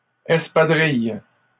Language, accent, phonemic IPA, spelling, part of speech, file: French, Canada, /ɛs.pa.dʁij/, espadrille, noun, LL-Q150 (fra)-espadrille.wav
- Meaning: 1. espadrille 2. sneaker, running shoe